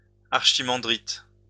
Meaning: archimandrite
- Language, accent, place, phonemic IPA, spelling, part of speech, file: French, France, Lyon, /aʁ.ʃi.mɑ̃.dʁit/, archimandrite, noun, LL-Q150 (fra)-archimandrite.wav